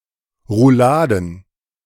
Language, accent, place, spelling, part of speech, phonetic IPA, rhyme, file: German, Germany, Berlin, Rouladen, noun, [ʁuˈlaːdn̩], -aːdn̩, De-Rouladen.ogg
- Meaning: plural of Roulade